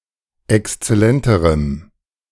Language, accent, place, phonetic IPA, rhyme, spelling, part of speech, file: German, Germany, Berlin, [ɛkst͡sɛˈlɛntəʁəm], -ɛntəʁəm, exzellenterem, adjective, De-exzellenterem.ogg
- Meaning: strong dative masculine/neuter singular comparative degree of exzellent